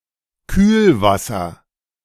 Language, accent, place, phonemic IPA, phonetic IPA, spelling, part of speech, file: German, Germany, Berlin, /ˈkyːlˌvasəʁ/, [ˈkʰyːlˌvasɐ], Kühlwasser, noun, De-Kühlwasser.ogg
- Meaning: coolant (especially in a car radiator)